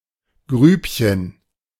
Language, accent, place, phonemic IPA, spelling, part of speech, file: German, Germany, Berlin, /ˈɡryːpçən/, Grübchen, noun, De-Grübchen.ogg
- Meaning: 1. diminutive of Grube 2. dimple (dent in the cheek that becomes visible especially when one smiles)